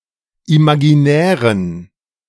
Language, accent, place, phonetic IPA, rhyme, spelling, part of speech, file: German, Germany, Berlin, [imaɡiˈnɛːʁən], -ɛːʁən, imaginären, adjective, De-imaginären.ogg
- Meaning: inflection of imaginär: 1. strong genitive masculine/neuter singular 2. weak/mixed genitive/dative all-gender singular 3. strong/weak/mixed accusative masculine singular 4. strong dative plural